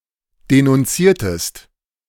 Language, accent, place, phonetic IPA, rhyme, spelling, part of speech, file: German, Germany, Berlin, [denʊnˈt͡siːɐ̯təst], -iːɐ̯təst, denunziertest, verb, De-denunziertest.ogg
- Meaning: inflection of denunzieren: 1. second-person singular preterite 2. second-person singular subjunctive II